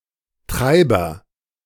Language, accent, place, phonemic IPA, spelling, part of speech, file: German, Germany, Berlin, /ˈtʁaɪ̯bɐ/, Treiber, noun, De-Treiber.ogg
- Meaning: agent noun of treiben: 1. herder, driver, drover (used only in compound nouns) 2. beater (male or of unspecified gender) 3. driver